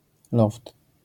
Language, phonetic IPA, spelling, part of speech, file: Polish, [lɔft], loft, noun, LL-Q809 (pol)-loft.wav